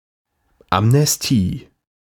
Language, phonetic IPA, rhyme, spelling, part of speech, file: German, [amnɛsˈtiː], -iː, Amnestie, noun, De-Amnestie.ogg
- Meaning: amnesty